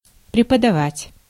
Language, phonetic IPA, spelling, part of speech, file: Russian, [prʲɪpədɐˈvatʲ], преподавать, verb, Ru-преподавать.ogg
- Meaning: to teach, to lecture